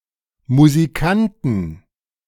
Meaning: inflection of Musikant: 1. genitive/dative/accusative singular 2. nominative/genitive/dative/accusative plural
- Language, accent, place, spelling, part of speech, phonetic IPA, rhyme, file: German, Germany, Berlin, Musikanten, noun, [muziˈkantn̩], -antn̩, De-Musikanten.ogg